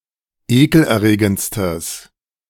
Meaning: strong/mixed nominative/accusative neuter singular superlative degree of ekelerregend
- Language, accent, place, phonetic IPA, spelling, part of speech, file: German, Germany, Berlin, [ˈeːkl̩ʔɛɐ̯ˌʁeːɡənt͡stəs], ekelerregendstes, adjective, De-ekelerregendstes.ogg